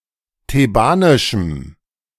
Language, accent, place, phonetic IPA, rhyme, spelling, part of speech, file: German, Germany, Berlin, [teˈbaːnɪʃm̩], -aːnɪʃm̩, thebanischem, adjective, De-thebanischem.ogg
- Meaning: strong dative masculine/neuter singular of thebanisch